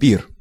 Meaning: feast, banquet
- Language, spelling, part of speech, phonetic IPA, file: Russian, пир, noun, [pʲir], Ru-пир.ogg